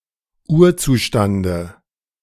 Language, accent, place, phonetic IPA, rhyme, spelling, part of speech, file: German, Germany, Berlin, [ˈuːɐ̯ˌt͡suːʃtandə], -uːɐ̯t͡suːʃtandə, Urzustande, noun, De-Urzustande.ogg
- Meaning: dative of Urzustand